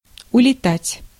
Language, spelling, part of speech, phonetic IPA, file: Russian, улетать, verb, [ʊlʲɪˈtatʲ], Ru-улетать.ogg
- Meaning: 1. to fly away, to depart (by flying) 2. to be carried away or transported in thoughts or feelings